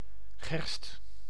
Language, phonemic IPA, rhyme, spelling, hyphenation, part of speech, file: Dutch, /ɣɛrst/, -ɛrst, gerst, gerst, noun, Nl-gerst.ogg
- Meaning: 1. barley (Hordeum spp., particularly Hordeum vulgare) 2. barley seed, used for brewing beer